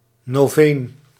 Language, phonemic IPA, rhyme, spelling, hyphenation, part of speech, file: Dutch, /noːˈveːn/, -eːn, noveen, no‧veen, noun, Nl-noveen.ogg
- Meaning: alternative form of novene